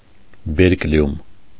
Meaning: berkelium
- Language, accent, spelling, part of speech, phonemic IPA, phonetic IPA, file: Armenian, Eastern Armenian, բերկլիում, noun, /beɾkˈljum/, [beɾkljúm], Hy-բերկլիում.ogg